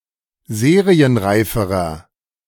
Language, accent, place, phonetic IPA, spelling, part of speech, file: German, Germany, Berlin, [ˈzeːʁiənˌʁaɪ̯fəʁɐ], serienreiferer, adjective, De-serienreiferer.ogg
- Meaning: inflection of serienreif: 1. strong/mixed nominative masculine singular comparative degree 2. strong genitive/dative feminine singular comparative degree 3. strong genitive plural comparative degree